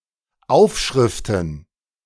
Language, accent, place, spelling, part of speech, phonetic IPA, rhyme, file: German, Germany, Berlin, Aufschriften, noun, [ˈaʊ̯fˌʃʁɪftn̩], -aʊ̯fʃʁɪftn̩, De-Aufschriften.ogg
- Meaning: plural of Aufschrift